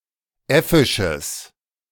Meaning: strong/mixed nominative/accusative neuter singular of äffisch
- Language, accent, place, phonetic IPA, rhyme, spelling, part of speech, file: German, Germany, Berlin, [ˈɛfɪʃəs], -ɛfɪʃəs, äffisches, adjective, De-äffisches.ogg